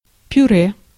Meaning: 1. purée 2. mashed potato
- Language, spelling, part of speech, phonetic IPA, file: Russian, пюре, noun, [pʲʊˈrɛ], Ru-пюре.ogg